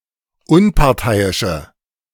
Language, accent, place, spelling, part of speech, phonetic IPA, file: German, Germany, Berlin, unparteiische, adjective, [ˈʊnpaʁˌtaɪ̯ɪʃə], De-unparteiische.ogg
- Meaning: inflection of unparteiisch: 1. strong/mixed nominative/accusative feminine singular 2. strong nominative/accusative plural 3. weak nominative all-gender singular